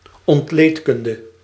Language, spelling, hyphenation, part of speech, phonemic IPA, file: Dutch, ontleedkunde, ont‧leed‧kun‧de, noun, /ɔntˈleːtˌkʏn.də/, Nl-ontleedkunde.ogg
- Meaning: anatomy (study of organic structure)